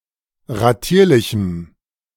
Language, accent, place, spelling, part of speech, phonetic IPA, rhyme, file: German, Germany, Berlin, ratierlichem, adjective, [ʁaˈtiːɐ̯lɪçm̩], -iːɐ̯lɪçm̩, De-ratierlichem.ogg
- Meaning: strong dative masculine/neuter singular of ratierlich